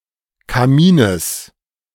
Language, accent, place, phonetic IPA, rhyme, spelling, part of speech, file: German, Germany, Berlin, [kaˈmiːnəs], -iːnəs, Kamines, noun, De-Kamines.ogg
- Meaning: genitive singular of Kamin